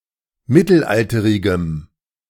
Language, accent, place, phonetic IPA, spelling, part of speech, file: German, Germany, Berlin, [ˈmɪtl̩ˌʔaltəʁɪɡəm], mittelalterigem, adjective, De-mittelalterigem.ogg
- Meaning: strong dative masculine/neuter singular of mittelalterig